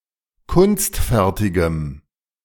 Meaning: strong dative masculine/neuter singular of kunstfertig
- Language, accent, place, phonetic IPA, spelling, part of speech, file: German, Germany, Berlin, [ˈkʊnstˌfɛʁtɪɡəm], kunstfertigem, adjective, De-kunstfertigem.ogg